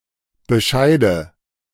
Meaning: nominative/accusative/genitive plural of Bescheid
- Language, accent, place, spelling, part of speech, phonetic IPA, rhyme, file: German, Germany, Berlin, Bescheide, noun, [bəˈʃaɪ̯də], -aɪ̯də, De-Bescheide.ogg